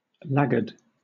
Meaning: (adjective) 1. Lagging behind; taking more time than the others in a group 2. Not growing as quickly as the rest of the flock or herd
- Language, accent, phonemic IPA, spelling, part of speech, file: English, Southern England, /ˈlæɡəd/, laggard, adjective / noun, LL-Q1860 (eng)-laggard.wav